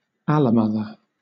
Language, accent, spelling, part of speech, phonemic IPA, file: English, Southern England, allomother, noun / verb, /ˈæləˌmʌðə(ɹ)/, LL-Q1860 (eng)-allomother.wav
- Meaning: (noun) A human or other creature that provides some maternal care for the young born of another; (verb) To provide maternal care for another creature's young